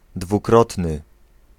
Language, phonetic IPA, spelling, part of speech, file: Polish, [dvuˈkrɔtnɨ], dwukrotny, adjective, Pl-dwukrotny.ogg